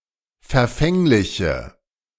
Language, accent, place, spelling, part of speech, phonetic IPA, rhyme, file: German, Germany, Berlin, verfängliche, adjective, [fɛɐ̯ˈfɛŋlɪçə], -ɛŋlɪçə, De-verfängliche.ogg
- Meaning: inflection of verfänglich: 1. strong/mixed nominative/accusative feminine singular 2. strong nominative/accusative plural 3. weak nominative all-gender singular